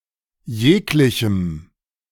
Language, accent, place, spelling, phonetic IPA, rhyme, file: German, Germany, Berlin, jeglichem, [ˈjeːklɪçm̩], -eːklɪçm̩, De-jeglichem.ogg
- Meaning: strong dative masculine/neuter singular of jeglicher